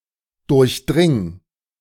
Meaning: singular imperative of durchdringen
- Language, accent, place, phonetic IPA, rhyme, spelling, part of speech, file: German, Germany, Berlin, [ˌdʊʁçˈdʁɪŋ], -ɪŋ, durchdring, verb, De-durchdring.ogg